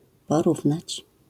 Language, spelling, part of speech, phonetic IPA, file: Polish, porównać, verb, [pɔˈruvnat͡ɕ], LL-Q809 (pol)-porównać.wav